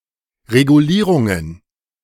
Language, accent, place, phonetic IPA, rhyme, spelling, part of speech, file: German, Germany, Berlin, [ʁeɡuˈliːʁʊŋən], -iːʁʊŋən, Regulierungen, noun, De-Regulierungen.ogg
- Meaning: plural of Regulierung